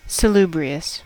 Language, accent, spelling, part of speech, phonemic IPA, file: English, US, salubrious, adjective, /səˈlu.bɹi.əs/, En-us-salubrious.ogg
- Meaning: Promoting health or well-being; wholesome, especially relating to food or air